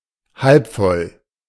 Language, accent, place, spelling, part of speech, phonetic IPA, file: German, Germany, Berlin, halbvoll, adjective, [ˈhalpˌfɔl], De-halbvoll.ogg
- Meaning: alternative spelling of halb voll